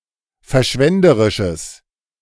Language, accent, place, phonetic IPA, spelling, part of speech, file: German, Germany, Berlin, [fɛɐ̯ˈʃvɛndəʁɪʃəs], verschwenderisches, adjective, De-verschwenderisches.ogg
- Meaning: strong/mixed nominative/accusative neuter singular of verschwenderisch